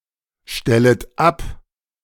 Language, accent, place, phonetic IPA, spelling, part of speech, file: German, Germany, Berlin, [ˌʃtɛlət ˈap], stellet ab, verb, De-stellet ab.ogg
- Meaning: second-person plural subjunctive I of abstellen